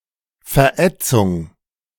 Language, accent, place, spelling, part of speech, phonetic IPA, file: German, Germany, Berlin, Verätzung, noun, [fɛɐ̯ˈʔɛt͡sʊŋ], De-Verätzung.ogg
- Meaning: 1. corrosion, burn (event) 2. chemical burn (wound or damage caused)